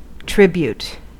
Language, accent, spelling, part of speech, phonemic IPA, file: English, US, tribute, noun / verb, /ˈtɹɪbjuːt/, En-us-tribute.ogg
- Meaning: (noun) An acknowledgment of gratitude, respect or admiration; an accompanying gift